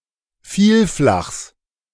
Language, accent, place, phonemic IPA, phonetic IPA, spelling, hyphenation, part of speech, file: German, Germany, Berlin, /ˈfiːlˌflaxs/, [ˈfiːlˌflaχs], Vielflachs, Viel‧flachs, noun, De-Vielflachs.ogg
- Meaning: genitive singular of Vielflach